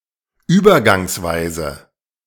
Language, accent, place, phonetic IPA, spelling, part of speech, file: German, Germany, Berlin, [ˈyːbɐˌɡaŋsˌvaɪ̯zə], übergangsweise, adverb, De-übergangsweise.ogg
- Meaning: transitional